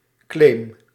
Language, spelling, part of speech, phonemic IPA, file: Dutch, claim, noun / verb, /klem/, Nl-claim.ogg
- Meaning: inflection of claimen: 1. first-person singular present indicative 2. second-person singular present indicative 3. imperative